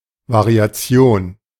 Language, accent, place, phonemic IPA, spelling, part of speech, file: German, Germany, Berlin, /vaʁiaˈt͡si̯oːn/, Variation, noun, De-Variation.ogg
- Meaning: variation